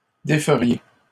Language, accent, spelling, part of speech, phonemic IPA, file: French, Canada, déferiez, verb, /de.fə.ʁje/, LL-Q150 (fra)-déferiez.wav
- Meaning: second-person plural conditional of défaire